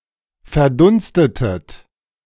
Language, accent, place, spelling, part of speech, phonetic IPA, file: German, Germany, Berlin, verdunstetet, verb, [fɛɐ̯ˈdʊnstətət], De-verdunstetet.ogg
- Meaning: inflection of verdunsten: 1. second-person plural preterite 2. second-person plural subjunctive II